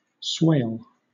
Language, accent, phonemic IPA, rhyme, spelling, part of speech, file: English, Southern England, /sweɪl/, -eɪl, swale, noun / verb, LL-Q1860 (eng)-swale.wav
- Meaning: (noun) 1. A low tract of moist or marshy land 2. A long narrow and shallow trough between ridges on a beach, running parallel to the coastline